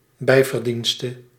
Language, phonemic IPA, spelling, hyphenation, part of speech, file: Dutch, /ˈbɛi̯.vərˌdin.stə/, bijverdienste, bij‧ver‧dien‧ste, noun, Nl-bijverdienste.ogg
- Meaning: emolument (extra income)